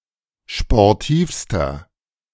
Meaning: inflection of sportiv: 1. strong/mixed nominative masculine singular superlative degree 2. strong genitive/dative feminine singular superlative degree 3. strong genitive plural superlative degree
- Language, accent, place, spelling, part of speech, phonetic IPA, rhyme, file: German, Germany, Berlin, sportivster, adjective, [ʃpɔʁˈtiːfstɐ], -iːfstɐ, De-sportivster.ogg